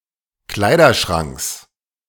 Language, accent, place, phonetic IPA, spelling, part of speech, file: German, Germany, Berlin, [ˈklaɪ̯dɐˌʃʁaŋks], Kleiderschranks, noun, De-Kleiderschranks.ogg
- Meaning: genitive singular of Kleiderschrank